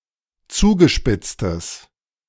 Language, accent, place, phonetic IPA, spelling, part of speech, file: German, Germany, Berlin, [ˈt͡suːɡəˌʃpɪt͡stəs], zugespitztes, adjective, De-zugespitztes.ogg
- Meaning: strong/mixed nominative/accusative neuter singular of zugespitzt